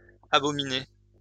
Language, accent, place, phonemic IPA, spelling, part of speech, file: French, France, Lyon, /a.bɔ.mi.ne/, abominé, verb, LL-Q150 (fra)-abominé.wav
- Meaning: past participle of abominer